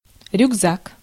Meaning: backpack
- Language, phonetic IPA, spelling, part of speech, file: Russian, [rʲʊɡˈzak], рюкзак, noun, Ru-рюкзак.ogg